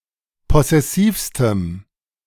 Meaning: strong dative masculine/neuter singular superlative degree of possessiv
- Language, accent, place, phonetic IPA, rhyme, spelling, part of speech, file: German, Germany, Berlin, [ˌpɔsɛˈsiːfstəm], -iːfstəm, possessivstem, adjective, De-possessivstem.ogg